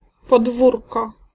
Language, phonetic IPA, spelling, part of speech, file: Polish, [pɔdˈvurkɔ], podwórko, noun, Pl-podwórko.ogg